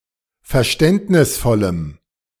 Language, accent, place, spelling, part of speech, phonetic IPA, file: German, Germany, Berlin, verständnisvollem, adjective, [fɛɐ̯ˈʃtɛntnɪsfɔləm], De-verständnisvollem.ogg
- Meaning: strong dative masculine/neuter singular of verständnisvoll